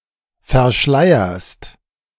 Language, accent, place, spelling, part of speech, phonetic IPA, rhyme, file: German, Germany, Berlin, verschleierst, verb, [fɛɐ̯ˈʃlaɪ̯ɐst], -aɪ̯ɐst, De-verschleierst.ogg
- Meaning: second-person singular present of verschleiern